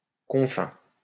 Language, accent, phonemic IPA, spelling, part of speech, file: French, France, /kɔ̃.fɛ̃/, confins, noun, LL-Q150 (fra)-confins.wav
- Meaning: 1. confines, edges 2. end